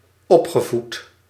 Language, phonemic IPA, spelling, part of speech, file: Dutch, /ˈɔpxəˌvut/, opgevoed, verb, Nl-opgevoed.ogg
- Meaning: past participle of opvoeden